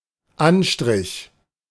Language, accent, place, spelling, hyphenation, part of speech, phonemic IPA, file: German, Germany, Berlin, Anstrich, An‧strich, noun, /ˈanˌʃtʁɪç/, De-Anstrich.ogg
- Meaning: 1. livery 2. complexion 3. paint, painting 4. coat, coating